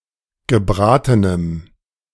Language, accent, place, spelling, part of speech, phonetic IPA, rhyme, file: German, Germany, Berlin, gebratenem, adjective, [ɡəˈbʁaːtənəm], -aːtənəm, De-gebratenem.ogg
- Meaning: strong dative masculine/neuter singular of gebraten